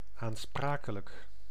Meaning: responsible
- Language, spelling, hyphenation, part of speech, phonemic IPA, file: Dutch, aansprakelijk, aan‧spra‧ke‧lijk, adjective, /ˌaːnˈspraː.kə.lək/, Nl-aansprakelijk.ogg